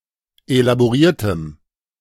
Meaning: strong dative masculine/neuter singular of elaboriert
- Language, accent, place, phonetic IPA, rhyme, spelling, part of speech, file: German, Germany, Berlin, [elaboˈʁiːɐ̯təm], -iːɐ̯təm, elaboriertem, adjective, De-elaboriertem.ogg